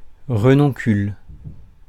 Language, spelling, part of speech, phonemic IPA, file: French, renoncule, noun, /ʁə.nɔ̃.kyl/, Fr-renoncule.ogg
- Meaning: buttercup (Ranunculus)